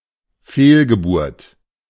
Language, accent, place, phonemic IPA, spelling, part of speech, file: German, Germany, Berlin, /ˈfeːlɡəˌbuːrt/, Fehlgeburt, noun, De-Fehlgeburt.ogg
- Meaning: miscarriage (of a baby)